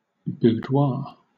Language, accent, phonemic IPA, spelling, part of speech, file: English, Southern England, /ˈbuːdwɑː/, boudoir, noun, LL-Q1860 (eng)-boudoir.wav
- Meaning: 1. A woman's private sitting room, dressing room, or bedroom 2. An army tent